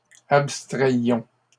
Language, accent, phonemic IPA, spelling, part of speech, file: French, Canada, /ap.stʁɛj.jɔ̃/, abstrayions, verb, LL-Q150 (fra)-abstrayions.wav
- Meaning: inflection of abstraire: 1. first-person plural imperfect indicative 2. first-person plural present subjunctive